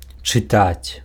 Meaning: to read
- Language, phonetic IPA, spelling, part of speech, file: Belarusian, [t͡ʂɨˈtat͡sʲ], чытаць, verb, Be-чытаць.ogg